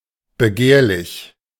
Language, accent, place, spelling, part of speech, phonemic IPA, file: German, Germany, Berlin, begehrlich, adjective, /bəˈɡeːɐ̯lɪç/, De-begehrlich.ogg
- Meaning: covetous